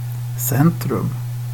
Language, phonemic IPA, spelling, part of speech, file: Swedish, /²sɛnːtrɵm/, centrum, noun, Sv-centrum.ogg
- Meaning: 1. centre; the middle of something 2. centre; place where a function or activity occurs 3. the central areas of a city or a suburb